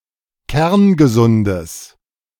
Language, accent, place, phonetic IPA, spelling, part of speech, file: German, Germany, Berlin, [ˈkɛʁnɡəˌzʊndəs], kerngesundes, adjective, De-kerngesundes.ogg
- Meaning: strong/mixed nominative/accusative neuter singular of kerngesund